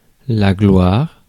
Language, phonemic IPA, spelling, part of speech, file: French, /ɡlwaʁ/, gloire, noun, Fr-gloire.ogg
- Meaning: glory